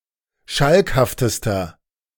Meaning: inflection of schalkhaft: 1. strong/mixed nominative masculine singular superlative degree 2. strong genitive/dative feminine singular superlative degree 3. strong genitive plural superlative degree
- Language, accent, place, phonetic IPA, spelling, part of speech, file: German, Germany, Berlin, [ˈʃalkhaftəstɐ], schalkhaftester, adjective, De-schalkhaftester.ogg